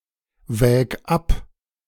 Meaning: singular imperative of abwägen
- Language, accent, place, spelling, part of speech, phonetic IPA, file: German, Germany, Berlin, wäg ab, verb, [ˌvɛːk ˈap], De-wäg ab.ogg